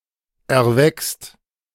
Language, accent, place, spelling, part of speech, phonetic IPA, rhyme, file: German, Germany, Berlin, erweckst, verb, [ɛɐ̯ˈvɛkst], -ɛkst, De-erweckst.ogg
- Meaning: second-person singular present of erwecken